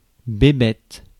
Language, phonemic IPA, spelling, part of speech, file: French, /be.bɛt/, bébête, adjective / noun, Fr-bébête.ogg
- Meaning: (adjective) silly, juvenile; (noun) 1. fool, idiot 2. animal, beastie, critter 3. willy, wee-wee (penis)